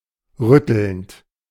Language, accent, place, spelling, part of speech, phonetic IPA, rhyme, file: German, Germany, Berlin, rüttelnd, verb, [ˈʁʏtl̩nt], -ʏtl̩nt, De-rüttelnd.ogg
- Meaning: present participle of rütteln